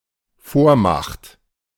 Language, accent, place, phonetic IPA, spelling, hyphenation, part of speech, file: German, Germany, Berlin, [ˈfoːɐ̯ˌmaχt], Vormacht, Vor‧macht, noun, De-Vormacht.ogg
- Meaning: 1. hegemony 2. hegemon